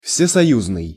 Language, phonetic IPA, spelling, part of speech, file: Russian, [fsʲɪsɐˈjuznɨj], всесоюзный, adjective, Ru-всесоюзный.ogg
- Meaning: all-Union (referring to the whole of the Soviet Union)